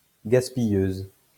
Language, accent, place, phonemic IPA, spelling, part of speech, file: French, France, Lyon, /ɡas.pi.jøz/, gaspilleuse, noun, LL-Q150 (fra)-gaspilleuse.wav
- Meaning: female equivalent of gaspilleur